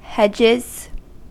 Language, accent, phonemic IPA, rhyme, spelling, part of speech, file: English, US, /ˈhɛd͡ʒɪz/, -ɛdʒɪz, hedges, noun / verb, En-us-hedges.ogg
- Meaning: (noun) plural of hedge; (verb) third-person singular simple present indicative of hedge